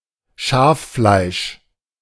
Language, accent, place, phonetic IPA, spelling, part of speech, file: German, Germany, Berlin, [ˈʃaːfˌflaɪ̯ʃ], Schaffleisch, noun, De-Schaffleisch.ogg
- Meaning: mutton (the flesh of sheep (used as food))